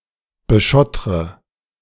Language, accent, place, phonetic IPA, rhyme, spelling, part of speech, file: German, Germany, Berlin, [bəˈʃɔtʁə], -ɔtʁə, beschottre, verb, De-beschottre.ogg
- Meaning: inflection of beschottern: 1. first-person singular present 2. first/third-person singular subjunctive I 3. singular imperative